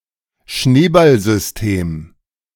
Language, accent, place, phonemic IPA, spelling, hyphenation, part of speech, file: German, Germany, Berlin, /ˈʃneːbalzʏsˌteːm/, Schneeballsystem, Schnee‧ball‧sys‧tem, noun, De-Schneeballsystem.ogg
- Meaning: pyramid scheme